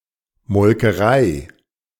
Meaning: dairy (place where milk is processed)
- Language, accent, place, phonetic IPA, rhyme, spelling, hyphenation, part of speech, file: German, Germany, Berlin, [mɔlkəˈʁaɪ̯], -aɪ̯, Molkerei, Mol‧ke‧rei, noun, De-Molkerei.ogg